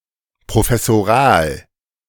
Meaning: professorial
- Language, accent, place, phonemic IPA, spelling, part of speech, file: German, Germany, Berlin, /pʁofɛsoˈʁaːl/, professoral, adjective, De-professoral.ogg